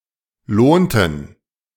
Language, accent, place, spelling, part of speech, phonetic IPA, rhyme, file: German, Germany, Berlin, lohnten, verb, [ˈloːntn̩], -oːntn̩, De-lohnten.ogg
- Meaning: inflection of lohnen: 1. first/third-person plural preterite 2. first/third-person plural subjunctive II